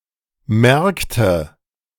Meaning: inflection of merken: 1. first/third-person singular preterite 2. first/third-person singular subjunctive II
- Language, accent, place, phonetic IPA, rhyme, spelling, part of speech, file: German, Germany, Berlin, [ˈmɛʁktə], -ɛʁktə, merkte, verb, De-merkte.ogg